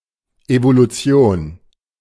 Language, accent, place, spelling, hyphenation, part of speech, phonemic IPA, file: German, Germany, Berlin, Evolution, Evo‧lu‧ti‧on, noun, /ʔevoluˈtsi̯oːn/, De-Evolution.ogg
- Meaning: evolution